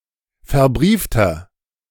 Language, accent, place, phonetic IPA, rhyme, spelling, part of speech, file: German, Germany, Berlin, [fɛɐ̯ˈbʁiːftɐ], -iːftɐ, verbriefter, adjective, De-verbriefter.ogg
- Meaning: inflection of verbrieft: 1. strong/mixed nominative masculine singular 2. strong genitive/dative feminine singular 3. strong genitive plural